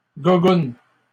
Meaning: plural of gougoune
- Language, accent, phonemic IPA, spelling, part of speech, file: French, Canada, /ɡu.ɡun/, gougounes, noun, LL-Q150 (fra)-gougounes.wav